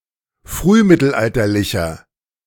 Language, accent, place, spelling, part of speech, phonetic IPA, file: German, Germany, Berlin, frühmittelalterlicher, adjective, [ˈfʁyːˌmɪtl̩ʔaltɐlɪçɐ], De-frühmittelalterlicher.ogg
- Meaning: inflection of frühmittelalterlich: 1. strong/mixed nominative masculine singular 2. strong genitive/dative feminine singular 3. strong genitive plural